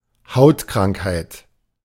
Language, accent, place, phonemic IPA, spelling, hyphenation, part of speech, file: German, Germany, Berlin, /ˈhaʊ̯tˌkʁaŋkhaɪ̯t/, Hautkrankheit, Haut‧krank‧heit, noun, De-Hautkrankheit.ogg
- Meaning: skin disease, dermatosis